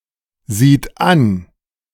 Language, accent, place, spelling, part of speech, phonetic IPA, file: German, Germany, Berlin, sieht an, verb, [ˌziːt ˈan], De-sieht an.ogg
- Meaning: third-person singular present of ansehen